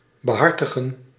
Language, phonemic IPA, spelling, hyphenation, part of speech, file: Dutch, /bəˈɦɑrtəɣə(n)/, behartigen, be‧har‧ti‧gen, verb, Nl-behartigen.ogg
- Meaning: to look after, serve, study, promote, be watchful of [a person's interests], have [a person's interests] at heart, take to heart